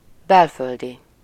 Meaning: native, domestic
- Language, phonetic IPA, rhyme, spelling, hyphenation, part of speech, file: Hungarian, [ˈbɛlføldi], -di, belföldi, bel‧föl‧di, adjective, Hu-belföldi.ogg